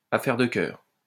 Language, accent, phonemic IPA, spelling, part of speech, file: French, France, /a.fɛʁ də kœʁ/, affaire de cœur, noun, LL-Q150 (fra)-affaire de cœur.wav
- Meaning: matter of the heart, affair of the heart (matter relating to one's love life)